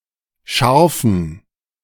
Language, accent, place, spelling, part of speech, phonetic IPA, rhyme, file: German, Germany, Berlin, scharfen, adjective, [ˈʃaʁfn̩], -aʁfn̩, De-scharfen.ogg
- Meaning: inflection of scharf: 1. strong genitive masculine/neuter singular 2. weak/mixed genitive/dative all-gender singular 3. strong/weak/mixed accusative masculine singular 4. strong dative plural